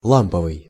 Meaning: 1. lamp 2. tube, valve (relating to vacuum tubes) 3. mellow, heartful, sincere
- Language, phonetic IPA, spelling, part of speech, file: Russian, [ˈɫampəvɨj], ламповый, adjective, Ru-ламповый.ogg